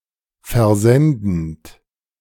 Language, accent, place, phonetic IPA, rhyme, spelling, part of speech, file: German, Germany, Berlin, [fɛɐ̯ˈzɛndn̩t], -ɛndn̩t, versendend, verb, De-versendend.ogg
- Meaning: present participle of versenden